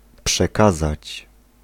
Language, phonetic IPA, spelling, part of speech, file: Polish, [pʃɛˈkazat͡ɕ], przekazać, verb, Pl-przekazać.ogg